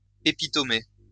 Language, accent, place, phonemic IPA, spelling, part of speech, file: French, France, Lyon, /e.pi.tɔ.me/, épitomé, noun, LL-Q150 (fra)-épitomé.wav
- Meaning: epitome (brief summary of a book)